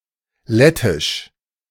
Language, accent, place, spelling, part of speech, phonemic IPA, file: German, Germany, Berlin, lettisch, adjective, /ˈlɛtɪʃ/, De-lettisch.ogg
- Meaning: Latvian (related to Latvia, the Latvians or their language)